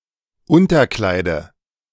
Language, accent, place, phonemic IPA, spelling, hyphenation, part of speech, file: German, Germany, Berlin, /ˈʊntɐˌklaɪ̯də/, Unterkleide, Un‧ter‧klei‧de, noun, De-Unterkleide.ogg
- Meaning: dative singular of Unterkleid